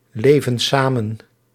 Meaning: inflection of samenleven: 1. plural present indicative 2. plural present subjunctive
- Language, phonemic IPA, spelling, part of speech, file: Dutch, /ˈlevə(n) ˈsamə(n)/, leven samen, verb, Nl-leven samen.ogg